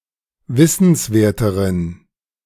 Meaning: inflection of wissenswert: 1. strong genitive masculine/neuter singular comparative degree 2. weak/mixed genitive/dative all-gender singular comparative degree
- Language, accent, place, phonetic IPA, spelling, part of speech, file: German, Germany, Berlin, [ˈvɪsn̩sˌveːɐ̯təʁən], wissenswerteren, adjective, De-wissenswerteren.ogg